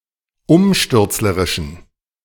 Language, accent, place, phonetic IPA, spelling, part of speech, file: German, Germany, Berlin, [ˈʊmʃtʏʁt͡sləʁɪʃn̩], umstürzlerischen, adjective, De-umstürzlerischen.ogg
- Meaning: inflection of umstürzlerisch: 1. strong genitive masculine/neuter singular 2. weak/mixed genitive/dative all-gender singular 3. strong/weak/mixed accusative masculine singular 4. strong dative plural